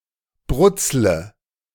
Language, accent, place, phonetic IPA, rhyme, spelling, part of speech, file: German, Germany, Berlin, [ˈbʁʊt͡slə], -ʊt͡slə, brutzle, verb, De-brutzle.ogg
- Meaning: inflection of brutzeln: 1. first-person singular present 2. first/third-person singular subjunctive I 3. singular imperative